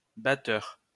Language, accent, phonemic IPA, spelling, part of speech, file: French, France, /ba.tœʁ/, batteur, noun, LL-Q150 (fra)-batteur.wav
- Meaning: 1. batter 2. drummer, percussionist 3. whisk, beater